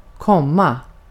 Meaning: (verb) 1. to come (to move nearer) 2. to come (to arrive, to appear) 3. to come (to orgasm) 4. to make (to cause to do); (noun) a comma (punctuation mark)
- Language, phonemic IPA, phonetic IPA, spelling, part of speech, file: Swedish, /²kɔma/, [²kʰɔmːa], komma, verb / noun, Sv-komma.ogg